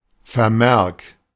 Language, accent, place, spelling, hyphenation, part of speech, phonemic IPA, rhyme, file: German, Germany, Berlin, Vermerk, Ver‧merk, noun, /fɛɐ̯ˈmɛʁk/, -ɛʁk, De-Vermerk.ogg
- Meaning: comment, note